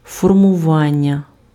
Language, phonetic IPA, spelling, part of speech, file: Ukrainian, [fɔrmʊˈʋanʲːɐ], формування, noun, Uk-формування.ogg
- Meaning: verbal noun of формува́ти impf (formuváty) and формува́тися impf (formuvátysja): 1. formation, forming 2. molding